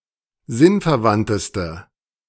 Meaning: inflection of sinnverwandt: 1. strong/mixed nominative/accusative feminine singular superlative degree 2. strong nominative/accusative plural superlative degree
- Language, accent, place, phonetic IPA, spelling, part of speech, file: German, Germany, Berlin, [ˈzɪnfɛɐ̯ˌvantəstə], sinnverwandteste, adjective, De-sinnverwandteste.ogg